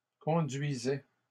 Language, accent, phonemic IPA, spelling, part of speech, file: French, Canada, /kɔ̃.dɥi.zɛ/, conduisait, verb, LL-Q150 (fra)-conduisait.wav
- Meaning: third-person singular imperfect indicative of conduire